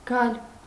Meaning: 1. to come 2. to arrive
- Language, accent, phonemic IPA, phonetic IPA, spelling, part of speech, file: Armenian, Eastern Armenian, /ɡɑl/, [ɡɑl], գալ, verb, Hy-գալ.ogg